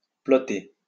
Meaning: alternative form of peloter
- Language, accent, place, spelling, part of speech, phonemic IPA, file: French, France, Lyon, plotter, verb, /plɔ.te/, LL-Q150 (fra)-plotter.wav